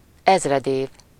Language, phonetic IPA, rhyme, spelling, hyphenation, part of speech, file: Hungarian, [ˈɛzrɛdeːv], -eːv, ezredév, ez‧red‧év, noun, Hu-ezredév.ogg
- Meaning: millennium